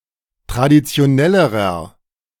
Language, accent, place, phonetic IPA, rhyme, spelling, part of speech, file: German, Germany, Berlin, [tʁadit͡si̯oˈnɛləʁɐ], -ɛləʁɐ, traditionellerer, adjective, De-traditionellerer.ogg
- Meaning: inflection of traditionell: 1. strong/mixed nominative masculine singular comparative degree 2. strong genitive/dative feminine singular comparative degree 3. strong genitive plural comparative degree